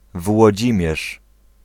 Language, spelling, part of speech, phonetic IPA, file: Polish, Włodzimierz, proper noun, [vwɔˈd͡ʑĩmʲjɛʃ], Pl-Włodzimierz.ogg